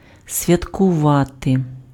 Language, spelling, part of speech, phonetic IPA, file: Ukrainian, святкувати, verb, [sʲʋʲɐtkʊˈʋate], Uk-святкувати.ogg
- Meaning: 1. To observe or commemorate a significant date or event through ritual or festivity 2. to celebrate (engage in joyful activity)